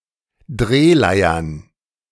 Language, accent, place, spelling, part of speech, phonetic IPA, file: German, Germany, Berlin, Drehleiern, noun, [ˈdʁeːˌlaɪ̯ɐn], De-Drehleiern.ogg
- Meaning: plural of Drehleier